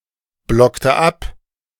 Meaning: inflection of abblocken: 1. first/third-person singular preterite 2. first/third-person singular subjunctive II
- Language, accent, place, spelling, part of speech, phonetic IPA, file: German, Germany, Berlin, blockte ab, verb, [ˌblɔktə ˈap], De-blockte ab.ogg